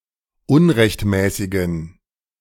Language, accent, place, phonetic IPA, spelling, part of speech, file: German, Germany, Berlin, [ˈʊnʁɛçtˌmɛːsɪɡn̩], unrechtmäßigen, adjective, De-unrechtmäßigen.ogg
- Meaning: inflection of unrechtmäßig: 1. strong genitive masculine/neuter singular 2. weak/mixed genitive/dative all-gender singular 3. strong/weak/mixed accusative masculine singular 4. strong dative plural